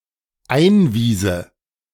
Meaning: first/third-person singular dependent subjunctive II of einweisen
- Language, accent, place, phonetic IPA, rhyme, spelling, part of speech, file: German, Germany, Berlin, [ˈaɪ̯nˌviːzə], -aɪ̯nviːzə, einwiese, verb, De-einwiese.ogg